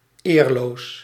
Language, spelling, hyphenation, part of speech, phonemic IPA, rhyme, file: Dutch, eerloos, eer‧loos, adjective, /ˈeːr.loːs/, -eːrloːs, Nl-eerloos.ogg
- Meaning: without honour, honourless, dishonorable